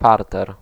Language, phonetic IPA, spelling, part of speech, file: Polish, [ˈpartɛr], parter, noun, Pl-parter.ogg